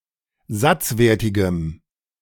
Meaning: strong dative masculine/neuter singular of satzwertig
- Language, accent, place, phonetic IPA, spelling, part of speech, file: German, Germany, Berlin, [ˈzat͡sˌveːɐ̯tɪɡəm], satzwertigem, adjective, De-satzwertigem.ogg